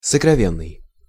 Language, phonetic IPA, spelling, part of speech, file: Russian, [səkrɐˈvʲenːɨj], сокровенный, adjective, Ru-сокровенный.ogg
- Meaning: secret, concealed, innermost, inner